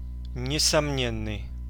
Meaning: doubtless, indubitable
- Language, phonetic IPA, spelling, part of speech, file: Russian, [nʲɪsɐˈmnʲenːɨj], несомненный, adjective, Ru-несомненный.ogg